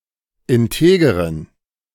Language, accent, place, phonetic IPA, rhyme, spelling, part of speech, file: German, Germany, Berlin, [ɪnˈteːɡəʁən], -eːɡəʁən, integeren, adjective, De-integeren.ogg
- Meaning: inflection of integer: 1. strong genitive masculine/neuter singular 2. weak/mixed genitive/dative all-gender singular 3. strong/weak/mixed accusative masculine singular 4. strong dative plural